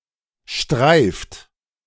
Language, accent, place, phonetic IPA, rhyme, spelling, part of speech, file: German, Germany, Berlin, [ʃtʁaɪ̯ft], -aɪ̯ft, streift, verb, De-streift.ogg
- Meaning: inflection of streifen: 1. second-person plural present 2. third-person singular present 3. plural imperative